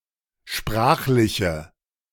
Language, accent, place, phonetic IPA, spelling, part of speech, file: German, Germany, Berlin, [ˈʃpʁaːxlɪçə], sprachliche, adjective, De-sprachliche.ogg
- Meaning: inflection of sprachlich: 1. strong/mixed nominative/accusative feminine singular 2. strong nominative/accusative plural 3. weak nominative all-gender singular